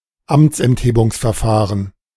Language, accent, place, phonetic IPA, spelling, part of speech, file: German, Germany, Berlin, [ˈamt͡sʔɛntheːbʊŋsfɛɐ̯ˌfaːʁən], Amtsenthebungsverfahren, noun, De-Amtsenthebungsverfahren.ogg
- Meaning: impeachment